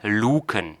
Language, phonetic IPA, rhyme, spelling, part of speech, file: German, [ˈluːkn̩], -uːkn̩, Luken, noun, De-Luken.ogg
- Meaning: plural of Luke